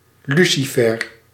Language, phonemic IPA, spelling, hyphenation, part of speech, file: Dutch, /ˈly.siˌfɛr/, Lucifer, Lu‧ci‧fer, proper noun, Nl-Lucifer.ogg
- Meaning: Lucifer (mythological fallen angel)